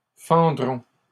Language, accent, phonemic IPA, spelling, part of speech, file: French, Canada, /fɑ̃.dʁɔ̃/, fendrons, verb, LL-Q150 (fra)-fendrons.wav
- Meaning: first-person plural future of fendre